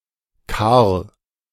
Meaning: a male given name from Old High German
- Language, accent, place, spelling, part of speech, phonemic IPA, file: German, Germany, Berlin, Karl, proper noun, /karl/, De-Karl.ogg